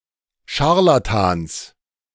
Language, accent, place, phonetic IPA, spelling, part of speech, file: German, Germany, Berlin, [ˈʃaʁlatans], Scharlatans, noun, De-Scharlatans.ogg
- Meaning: genitive singular of Scharlatan